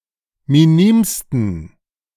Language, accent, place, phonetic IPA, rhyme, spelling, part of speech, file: German, Germany, Berlin, [miˈniːmstn̩], -iːmstn̩, minimsten, adjective, De-minimsten.ogg
- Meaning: 1. superlative degree of minim 2. inflection of minim: strong genitive masculine/neuter singular superlative degree